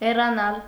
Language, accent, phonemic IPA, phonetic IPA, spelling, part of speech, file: Armenian, Eastern Armenian, /herɑˈnɑl/, [herɑnɑ́l], հեռանալ, verb, Hy-հեռանալ.ogg
- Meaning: 1. to move off, move away (from) 2. to depart, leave